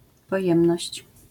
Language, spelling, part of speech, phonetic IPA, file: Polish, pojemność, noun, [pɔˈjɛ̃mnɔɕt͡ɕ], LL-Q809 (pol)-pojemność.wav